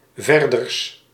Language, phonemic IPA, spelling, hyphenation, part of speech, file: Dutch, /ˈvɛr.dərs/, verders, ver‧ders, adverb, Nl-verders.ogg
- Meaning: archaic form of verder